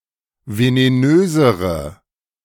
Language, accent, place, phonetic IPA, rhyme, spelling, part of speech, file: German, Germany, Berlin, [veneˈnøːzəʁə], -øːzəʁə, venenösere, adjective, De-venenösere.ogg
- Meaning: inflection of venenös: 1. strong/mixed nominative/accusative feminine singular comparative degree 2. strong nominative/accusative plural comparative degree